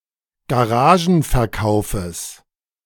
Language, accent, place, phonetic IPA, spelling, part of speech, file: German, Germany, Berlin, [ɡaˈʁaːʒn̩fɛɐ̯ˌkaʊ̯fəs], Garagenverkaufes, noun, De-Garagenverkaufes.ogg
- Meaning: genitive singular of Garagenverkauf